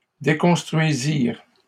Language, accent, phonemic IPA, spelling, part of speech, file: French, Canada, /de.kɔ̃s.tʁɥi.ziʁ/, déconstruisirent, verb, LL-Q150 (fra)-déconstruisirent.wav
- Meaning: third-person plural past historic of déconstruire